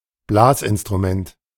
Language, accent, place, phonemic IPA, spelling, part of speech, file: German, Germany, Berlin, /ˈblaːsʔɪnstʁuˌmɛnt/, Blasinstrument, noun, De-Blasinstrument.ogg
- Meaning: wind instrument